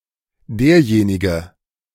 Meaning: 1. he (who) 2. the one 3. this one, that one
- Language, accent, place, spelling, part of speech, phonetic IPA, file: German, Germany, Berlin, derjenige, pronoun, [ˈdeːɐ̯ˌjeːnɪɡə], De-derjenige.ogg